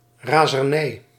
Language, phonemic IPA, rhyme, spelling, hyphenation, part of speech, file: Dutch, /ˌraːzərˈnɛi̯/, -ɛi̯, razernij, ra‧zer‧nij, noun, Nl-razernij.ogg
- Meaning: rage, fury